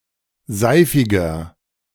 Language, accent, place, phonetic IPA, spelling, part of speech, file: German, Germany, Berlin, [ˈzaɪ̯fɪɡɐ], seifiger, adjective, De-seifiger.ogg
- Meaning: 1. comparative degree of seifig 2. inflection of seifig: strong/mixed nominative masculine singular 3. inflection of seifig: strong genitive/dative feminine singular